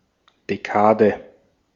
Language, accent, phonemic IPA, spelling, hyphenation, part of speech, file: German, Austria, /d̥eˈkɑːd̥ɛ/, Dekade, De‧ka‧de, noun, De-at-Dekade.ogg
- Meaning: 1. decade (ten years) 2. ten days; a third of a month 3. decade (set or series of ten units)